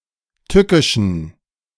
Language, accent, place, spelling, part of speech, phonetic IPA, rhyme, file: German, Germany, Berlin, tückischen, adjective, [ˈtʏkɪʃn̩], -ʏkɪʃn̩, De-tückischen.ogg
- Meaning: inflection of tückisch: 1. strong genitive masculine/neuter singular 2. weak/mixed genitive/dative all-gender singular 3. strong/weak/mixed accusative masculine singular 4. strong dative plural